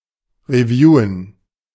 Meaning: to review (e.g. products, processes, etc.)
- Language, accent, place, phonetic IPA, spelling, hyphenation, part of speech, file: German, Germany, Berlin, [riˈvjuːən], reviewen, re‧vie‧wen, verb, De-reviewen.ogg